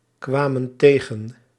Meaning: inflection of tegenkomen: 1. plural past indicative 2. plural past subjunctive
- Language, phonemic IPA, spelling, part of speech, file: Dutch, /ˈkwamə(n) ˈteɣə(n)/, kwamen tegen, verb, Nl-kwamen tegen.ogg